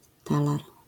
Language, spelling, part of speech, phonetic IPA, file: Polish, talar, noun, [ˈtalar], LL-Q809 (pol)-talar.wav